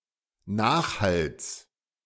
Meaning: genitive of Nachhall
- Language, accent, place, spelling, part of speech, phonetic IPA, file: German, Germany, Berlin, Nachhalls, noun, [ˈnaːxˌhals], De-Nachhalls.ogg